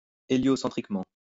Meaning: heliocentrically
- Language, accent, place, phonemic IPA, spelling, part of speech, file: French, France, Lyon, /e.ljɔ.sɑ̃.tʁik.mɑ̃/, héliocentriquement, adverb, LL-Q150 (fra)-héliocentriquement.wav